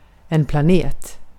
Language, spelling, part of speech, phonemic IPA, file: Swedish, planet, noun, /plaˈneːt/, Sv-planet.ogg
- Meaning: planet